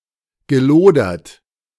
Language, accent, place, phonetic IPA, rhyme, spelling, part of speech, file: German, Germany, Berlin, [ɡəˈloːdɐt], -oːdɐt, gelodert, verb, De-gelodert.ogg
- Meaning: past participle of lodern